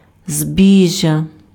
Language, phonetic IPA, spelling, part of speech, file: Ukrainian, [ˈzʲbʲiʒʲːɐ], збіжжя, noun, Uk-збіжжя.ogg
- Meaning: 1. corn, grain 2. property, belongings